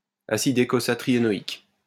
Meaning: eicosatrienoic acid
- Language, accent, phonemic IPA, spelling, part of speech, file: French, France, /a.sid e.ko.za.tʁi.je.nɔ.ik/, acide eicosatriénoïque, noun, LL-Q150 (fra)-acide eicosatriénoïque.wav